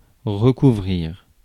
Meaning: 1. to cover again or completely 2. to cover up
- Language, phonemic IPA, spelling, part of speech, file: French, /ʁə.ku.vʁiʁ/, recouvrir, verb, Fr-recouvrir.ogg